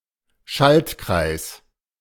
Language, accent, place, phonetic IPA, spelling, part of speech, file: German, Germany, Berlin, [ˈʃaltˌkʁaɪ̯s], Schaltkreis, noun, De-Schaltkreis.ogg
- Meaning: electric circuit, integrated circuit ("integrierter Schaltkreis")